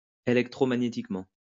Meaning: electromagnetically
- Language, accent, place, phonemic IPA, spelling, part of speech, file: French, France, Lyon, /e.lɛk.tʁɔ.ma.ɲe.tik.mɑ̃/, électromagnétiquement, adverb, LL-Q150 (fra)-électromagnétiquement.wav